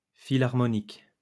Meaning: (adjective) philharmonic
- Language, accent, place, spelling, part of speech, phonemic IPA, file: French, France, Lyon, philharmonique, adjective / noun, /fi.laʁ.mɔ.nik/, LL-Q150 (fra)-philharmonique.wav